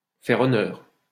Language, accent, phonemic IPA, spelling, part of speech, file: French, France, /fɛʁ ɔ.nœʁ/, faire honneur, verb, LL-Q150 (fra)-faire honneur.wav
- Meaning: 1. to be worthy of, to be a credit to, to do proud 2. to do justice to 3. to honour